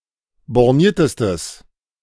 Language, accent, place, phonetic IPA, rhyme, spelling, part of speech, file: German, Germany, Berlin, [bɔʁˈniːɐ̯təstəs], -iːɐ̯təstəs, borniertestes, adjective, De-borniertestes.ogg
- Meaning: strong/mixed nominative/accusative neuter singular superlative degree of borniert